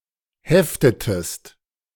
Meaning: inflection of heften: 1. second-person singular preterite 2. second-person singular subjunctive II
- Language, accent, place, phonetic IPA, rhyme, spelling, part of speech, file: German, Germany, Berlin, [ˈhɛftətəst], -ɛftətəst, heftetest, verb, De-heftetest.ogg